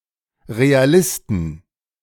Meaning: 1. genitive singular of Realist 2. plural of Realist
- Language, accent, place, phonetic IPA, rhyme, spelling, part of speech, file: German, Germany, Berlin, [ʁeaˈlɪstn̩], -ɪstn̩, Realisten, noun, De-Realisten.ogg